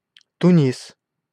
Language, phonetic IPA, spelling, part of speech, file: Russian, [tʊˈnʲis], Тунис, proper noun, Ru-Тунис.ogg
- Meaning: 1. Tunisia (a country in North Africa) 2. Tunis (the capital city, since 1159, and largest city of Tunisia)